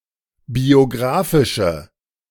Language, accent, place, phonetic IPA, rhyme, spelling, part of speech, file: German, Germany, Berlin, [bioˈɡʁaːfɪʃə], -aːfɪʃə, biographische, adjective, De-biographische.ogg
- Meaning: inflection of biographisch: 1. strong/mixed nominative/accusative feminine singular 2. strong nominative/accusative plural 3. weak nominative all-gender singular